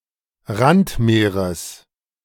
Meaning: genitive singular of Randmeer
- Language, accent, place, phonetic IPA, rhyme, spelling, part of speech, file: German, Germany, Berlin, [ˈʁantˌmeːʁəs], -antmeːʁəs, Randmeeres, noun, De-Randmeeres.ogg